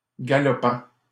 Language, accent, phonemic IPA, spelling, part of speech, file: French, Canada, /ɡa.lɔ.pɑ̃/, galopant, verb / adjective, LL-Q150 (fra)-galopant.wav
- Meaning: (verb) present participle of galoper; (adjective) 1. galloping (sometimes figurative) 2. uncontrolled